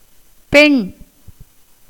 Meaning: 1. female (in general) 2. human female, woman 3. girl 4. daughter 5. bride 6. female of animals and plants
- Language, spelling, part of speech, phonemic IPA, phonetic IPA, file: Tamil, பெண், noun, /pɛɳ/, [pe̞ɳ], Ta-பெண்.ogg